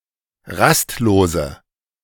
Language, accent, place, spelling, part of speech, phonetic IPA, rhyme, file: German, Germany, Berlin, rastlose, adjective, [ˈʁastˌloːzə], -astloːzə, De-rastlose.ogg
- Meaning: inflection of rastlos: 1. strong/mixed nominative/accusative feminine singular 2. strong nominative/accusative plural 3. weak nominative all-gender singular 4. weak accusative feminine/neuter singular